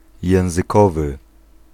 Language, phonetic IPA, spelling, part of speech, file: Polish, [ˌjɛ̃w̃zɨˈkɔvɨ], językowy, adjective, Pl-językowy.ogg